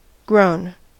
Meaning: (verb) past participle of grow; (adjective) 1. Covered by growth; overgrown 2. Of a person: adult
- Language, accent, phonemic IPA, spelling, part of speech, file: English, General American, /ɡɹoʊn/, grown, verb / adjective, En-us-grown.ogg